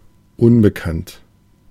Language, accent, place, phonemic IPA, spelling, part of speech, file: German, Germany, Berlin, /ˈʊnbəkant/, unbekannt, adjective, De-unbekannt.ogg
- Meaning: 1. unknown, unbeknownst 2. unfamiliar